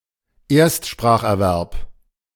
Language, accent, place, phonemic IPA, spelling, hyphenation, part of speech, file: German, Germany, Berlin, /ˈeːɐ̯stʃpʁaːxʔɛɐ̯ˌvɛʁp/, Erstspracherwerb, Erst‧sprach‧er‧werb, noun, De-Erstspracherwerb.ogg
- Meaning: first language acquisition